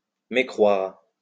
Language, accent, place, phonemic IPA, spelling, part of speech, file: French, France, Lyon, /me.kʁwaʁ/, mécroire, verb, LL-Q150 (fra)-mécroire.wav
- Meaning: to disbelieve (refuse to believe)